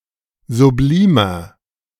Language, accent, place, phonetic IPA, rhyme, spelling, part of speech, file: German, Germany, Berlin, [zuˈbliːmɐ], -iːmɐ, sublimer, adjective, De-sublimer.ogg
- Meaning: 1. comparative degree of sublim 2. inflection of sublim: strong/mixed nominative masculine singular 3. inflection of sublim: strong genitive/dative feminine singular